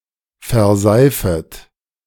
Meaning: second-person plural subjunctive I of verseifen
- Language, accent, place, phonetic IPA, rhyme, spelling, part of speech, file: German, Germany, Berlin, [fɛɐ̯ˈzaɪ̯fət], -aɪ̯fət, verseifet, verb, De-verseifet.ogg